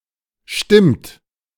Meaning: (verb) third-person singular present of stimmen; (interjection) correct
- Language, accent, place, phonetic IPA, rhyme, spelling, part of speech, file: German, Germany, Berlin, [ʃtɪmt], -ɪmt, stimmt, verb, De-stimmt.ogg